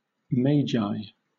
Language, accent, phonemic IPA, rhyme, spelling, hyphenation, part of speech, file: English, Southern England, /ˈmeɪd͡ʒaɪ/, -eɪdʒaɪ, Magi, Ma‧gi, proper noun, LL-Q1860 (eng)-Magi.wav